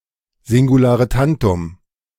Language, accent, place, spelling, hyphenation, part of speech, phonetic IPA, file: German, Germany, Berlin, Singularetantum, Sin‧gu‧la‧re‧tan‧tum, noun, [zɪŋɡuˌlaːʁəˈtantʊm], De-Singularetantum.ogg
- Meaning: singulare tantum (a noun that has no plural form)